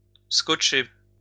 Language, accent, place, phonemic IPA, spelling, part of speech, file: French, France, Lyon, /skɔt.ʃe/, scotcher, verb, LL-Q150 (fra)-scotcher.wav
- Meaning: 1. to apply Scotch tape 2. to numb, freeze